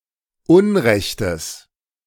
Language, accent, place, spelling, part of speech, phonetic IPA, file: German, Germany, Berlin, Unrechtes, noun, [ˈʊnˌʁɛçtəs], De-Unrechtes.ogg
- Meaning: genitive singular of Unrecht